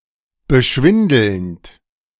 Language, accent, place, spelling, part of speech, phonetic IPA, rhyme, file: German, Germany, Berlin, beschwindelnd, verb, [bəˈʃvɪndl̩nt], -ɪndl̩nt, De-beschwindelnd.ogg
- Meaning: present participle of beschwindeln